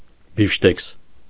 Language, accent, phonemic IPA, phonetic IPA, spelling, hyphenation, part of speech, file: Armenian, Eastern Armenian, /bifʃˈtekʰs/, [bifʃtékʰs], բիֆշտեքս, բիֆ‧շտեքս, noun, Hy-բիֆշտեքս.ogg
- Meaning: steak, beefsteak